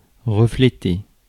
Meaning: to reflect (to mirror, or show the image of something)
- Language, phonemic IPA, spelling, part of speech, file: French, /ʁə.fle.te/, refléter, verb, Fr-refléter.ogg